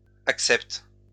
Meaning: third-person plural present indicative/subjunctive of accepter
- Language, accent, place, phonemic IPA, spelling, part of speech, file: French, France, Lyon, /ak.sɛpt/, acceptent, verb, LL-Q150 (fra)-acceptent.wav